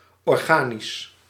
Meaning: organic
- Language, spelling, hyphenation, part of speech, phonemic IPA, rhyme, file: Dutch, organisch, or‧ga‧nisch, adjective, /ɔrˈɣaː.nis/, -aːnis, Nl-organisch.ogg